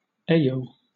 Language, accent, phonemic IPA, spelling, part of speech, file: English, Southern England, /ˈeɪ.(j)oʊ/, ayo, interjection, LL-Q1860 (eng)-ayo.wav
- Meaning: 1. A greeting 2. Used to indicate shock towards sth esp. of a disapproving manner